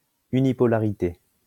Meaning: unipolarity
- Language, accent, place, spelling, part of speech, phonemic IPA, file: French, France, Lyon, unipolarité, noun, /y.ni.pɔ.la.ʁi.te/, LL-Q150 (fra)-unipolarité.wav